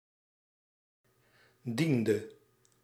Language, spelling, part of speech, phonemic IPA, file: Dutch, diende, verb, /ˈdindǝ/, Nl-diende.ogg
- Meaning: inflection of dienen: 1. singular past indicative 2. singular past subjunctive